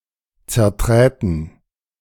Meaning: first-person plural subjunctive II of zertreten
- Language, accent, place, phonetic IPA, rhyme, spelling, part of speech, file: German, Germany, Berlin, [t͡sɛɐ̯ˈtʁɛːtn̩], -ɛːtn̩, zerträten, verb, De-zerträten.ogg